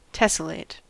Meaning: Alternative spelling of tessellate
- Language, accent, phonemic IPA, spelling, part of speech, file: English, US, /ˈtɛsəleɪt/, tesselate, verb, En-us-tesselate.ogg